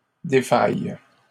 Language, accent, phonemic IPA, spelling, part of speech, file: French, Canada, /de.faj/, défailles, verb, LL-Q150 (fra)-défailles.wav
- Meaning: second-person singular present subjunctive/indicative of défaillir